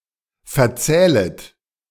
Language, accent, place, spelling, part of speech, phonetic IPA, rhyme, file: German, Germany, Berlin, verzählet, verb, [fɛɐ̯ˈt͡sɛːlət], -ɛːlət, De-verzählet.ogg
- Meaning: second-person plural subjunctive I of verzählen